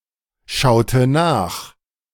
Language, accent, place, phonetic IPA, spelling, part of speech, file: German, Germany, Berlin, [ˌʃaʊ̯tə ˈnaːx], schaute nach, verb, De-schaute nach.ogg
- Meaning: inflection of nachschauen: 1. first/third-person singular preterite 2. first/third-person singular subjunctive II